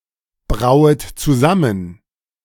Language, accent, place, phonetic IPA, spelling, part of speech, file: German, Germany, Berlin, [ˌbʁaʊ̯ət t͡suˈzamən], brauet zusammen, verb, De-brauet zusammen.ogg
- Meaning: second-person plural subjunctive I of zusammenbrauen